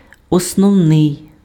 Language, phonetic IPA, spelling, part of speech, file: Ukrainian, [ɔsnɔu̯ˈnɪi̯], основний, adjective, Uk-основний.ogg
- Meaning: 1. basic, fundamental 2. primary, principal